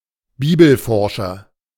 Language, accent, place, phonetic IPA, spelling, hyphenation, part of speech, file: German, Germany, Berlin, [ˈbiːbl̩ˌfɔʁʃɐ], Bibelforscher, Bi‧bel‧for‧scher, noun, De-Bibelforscher.ogg
- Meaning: 1. scientist, expert or specialist in the field of Bible research (male or of unspecified gender) 2. preacher, who quotes too many Biblical sayings in his sermons